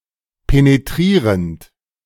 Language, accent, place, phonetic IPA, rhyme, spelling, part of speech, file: German, Germany, Berlin, [peneˈtʁiːʁənt], -iːʁənt, penetrierend, verb, De-penetrierend.ogg
- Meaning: present participle of penetrieren